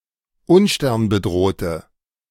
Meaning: inflection of unsternbedroht: 1. strong/mixed nominative/accusative feminine singular 2. strong nominative/accusative plural 3. weak nominative all-gender singular
- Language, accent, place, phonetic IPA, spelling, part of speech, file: German, Germany, Berlin, [ˈʊnʃtɛʁnbəˌdʁoːtə], unsternbedrohte, adjective, De-unsternbedrohte.ogg